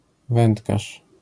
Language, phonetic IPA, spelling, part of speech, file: Polish, [ˈvɛ̃ntkaʃ], wędkarz, noun, LL-Q809 (pol)-wędkarz.wav